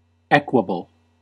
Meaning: 1. Unvarying, calm and steady; constant and uniform 2. Free from extremes of heat or cold 3. Not easily disturbed; tranquil
- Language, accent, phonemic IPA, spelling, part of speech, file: English, US, /ˈɛk.wə.bəl/, equable, adjective, En-us-equable.ogg